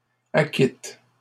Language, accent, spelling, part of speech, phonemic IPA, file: French, Canada, acquîtes, verb, /a.kit/, LL-Q150 (fra)-acquîtes.wav
- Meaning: second-person plural past historic of acquérir